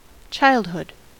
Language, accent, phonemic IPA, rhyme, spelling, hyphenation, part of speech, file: English, US, /ˈtʃaɪld.hʊd/, -aɪldhʊd, childhood, child‧hood, noun, En-us-childhood.ogg
- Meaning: 1. The state of being a child 2. The time during which one is a child, from between infancy and puberty 3. The early stages of development of something